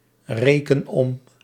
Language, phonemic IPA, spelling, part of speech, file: Dutch, /ˈrekən ˈɔm/, reken om, verb, Nl-reken om.ogg
- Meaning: inflection of omrekenen: 1. first-person singular present indicative 2. second-person singular present indicative 3. imperative